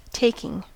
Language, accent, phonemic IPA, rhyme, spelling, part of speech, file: English, US, /ˈteɪkɪŋ/, -eɪkɪŋ, taking, adjective / noun / verb, En-us-taking.ogg
- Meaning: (adjective) 1. Alluring; attractive 2. Infectious; contagious; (noun) 1. The act by which something is taken 2. A seizure of someone's goods or possessions